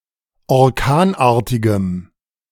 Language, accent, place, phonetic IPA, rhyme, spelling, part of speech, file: German, Germany, Berlin, [ɔʁˈkaːnˌʔaːɐ̯tɪɡəm], -aːnʔaːɐ̯tɪɡəm, orkanartigem, adjective, De-orkanartigem.ogg
- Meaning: strong dative masculine/neuter singular of orkanartig